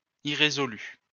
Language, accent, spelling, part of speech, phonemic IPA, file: French, France, irrésolu, adjective, /i.ʁe.zɔ.ly/, LL-Q150 (fra)-irrésolu.wav
- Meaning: 1. indecisive 2. unresolved